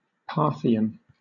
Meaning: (adjective) 1. Relating to Parthia or Parthians 2. Delivered as if in retreat; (noun) 1. A native or inhabitant of Parthia 2. An extinct Western Iranian language that was spoken in Parthia
- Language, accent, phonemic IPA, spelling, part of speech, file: English, Southern England, /ˈpɑːθɪən/, Parthian, adjective / noun, LL-Q1860 (eng)-Parthian.wav